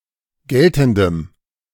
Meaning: strong dative masculine/neuter singular of geltend
- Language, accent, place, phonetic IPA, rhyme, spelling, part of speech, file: German, Germany, Berlin, [ˈɡɛltn̩dəm], -ɛltn̩dəm, geltendem, adjective, De-geltendem.ogg